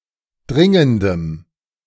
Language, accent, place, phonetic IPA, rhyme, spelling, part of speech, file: German, Germany, Berlin, [ˈdʁɪŋəndəm], -ɪŋəndəm, dringendem, adjective, De-dringendem.ogg
- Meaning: strong dative masculine/neuter singular of dringend